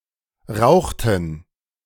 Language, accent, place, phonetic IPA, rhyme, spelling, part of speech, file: German, Germany, Berlin, [ˈʁaʊ̯xtn̩], -aʊ̯xtn̩, rauchten, verb, De-rauchten.ogg
- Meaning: inflection of rauchen: 1. first/third-person plural preterite 2. first/third-person plural subjunctive II